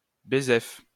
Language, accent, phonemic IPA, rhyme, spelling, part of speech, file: French, France, /be.zɛf/, -ɛf, bézef, adverb, LL-Q150 (fra)-bézef.wav
- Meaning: (not) much, a lot